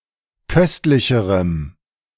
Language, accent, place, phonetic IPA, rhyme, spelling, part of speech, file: German, Germany, Berlin, [ˈkœstlɪçəʁəm], -œstlɪçəʁəm, köstlicherem, adjective, De-köstlicherem.ogg
- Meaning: strong dative masculine/neuter singular comparative degree of köstlich